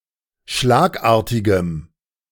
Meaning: strong dative masculine/neuter singular of schlagartig
- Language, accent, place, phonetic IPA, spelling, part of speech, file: German, Germany, Berlin, [ˈʃlaːkˌʔaːɐ̯tɪɡəm], schlagartigem, adjective, De-schlagartigem.ogg